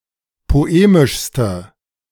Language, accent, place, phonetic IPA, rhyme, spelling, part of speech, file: German, Germany, Berlin, [poˈeːmɪʃstə], -eːmɪʃstə, poemischste, adjective, De-poemischste.ogg
- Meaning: inflection of poemisch: 1. strong/mixed nominative/accusative feminine singular superlative degree 2. strong nominative/accusative plural superlative degree